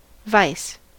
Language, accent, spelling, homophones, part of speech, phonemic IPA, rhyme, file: English, US, vice, vise, noun / verb / adjective / preposition, /vaɪs/, -aɪs, En-us-vice.ogg
- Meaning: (noun) Bad or immoral behaviour. (Especially often, a habit that harms oneself or others)